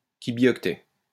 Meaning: kibibyte
- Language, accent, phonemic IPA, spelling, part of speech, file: French, France, /ki.bjɔk.tɛ/, kibioctet, noun, LL-Q150 (fra)-kibioctet.wav